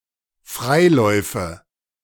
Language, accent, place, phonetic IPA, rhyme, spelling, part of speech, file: German, Germany, Berlin, [ˈfʁaɪ̯ˌlɔɪ̯fə], -aɪ̯lɔɪ̯fə, Freiläufe, noun, De-Freiläufe.ogg
- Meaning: nominative/accusative/genitive plural of Freilauf